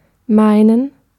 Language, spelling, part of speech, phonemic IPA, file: German, meinen, verb, /ˈmaɪ̯nən/, De-meinen.ogg
- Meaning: 1. to opine, to think; to believe; to suppose 2. to say; to utter; not used with nouns; not used in the imperative and rarely in the infinitive 3. to mean; to be convinced or sincere about something